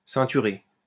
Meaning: past participle of ceinturer
- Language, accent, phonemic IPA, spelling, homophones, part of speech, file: French, France, /sɛ̃.ty.ʁe/, ceinturé, ceinturai / ceinturée / ceinturées / ceinturer / ceinturés / ceinturez, verb, LL-Q150 (fra)-ceinturé.wav